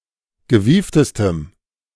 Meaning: strong dative masculine/neuter singular superlative degree of gewieft
- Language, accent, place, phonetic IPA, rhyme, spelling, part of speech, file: German, Germany, Berlin, [ɡəˈviːftəstəm], -iːftəstəm, gewieftestem, adjective, De-gewieftestem.ogg